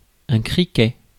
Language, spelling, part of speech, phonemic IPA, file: French, criquet, noun, /kʁi.kɛ/, Fr-criquet.ogg
- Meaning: locust (insect)